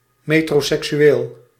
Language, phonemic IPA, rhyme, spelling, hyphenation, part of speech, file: Dutch, /ˌmeː.troː.sɛk.syˈeːl/, -eːl, metroseksueel, me‧tro‧sek‧su‧eel, adjective, Nl-metroseksueel.ogg
- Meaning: metrosexual